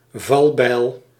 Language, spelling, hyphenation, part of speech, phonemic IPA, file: Dutch, valbijl, val‧bijl, noun, /ˈvɑl.bɛi̯l/, Nl-valbijl.ogg
- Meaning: guillotine